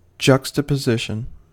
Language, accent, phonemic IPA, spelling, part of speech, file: English, US, /ˌd͡ʒʌk.stə.pəˈzɪʃ.ən/, juxtaposition, noun / verb, En-us-juxtaposition.ogg
- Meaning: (noun) 1. The nearness of objects with little or no delimiter 2. The nearness of objects with little or no delimiter.: An absence of linking elements in a group of words that are listed together